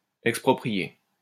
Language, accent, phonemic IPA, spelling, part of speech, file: French, France, /ɛk.spʁɔ.pʁi.je/, exproprier, verb, LL-Q150 (fra)-exproprier.wav
- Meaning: to expropriate